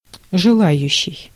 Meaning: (verb) present active imperfective participle of жела́ть (želátʹ); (noun) one who wishes, one who desires
- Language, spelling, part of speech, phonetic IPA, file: Russian, желающий, verb / noun, [ʐɨˈɫajʉɕːɪj], Ru-желающий.ogg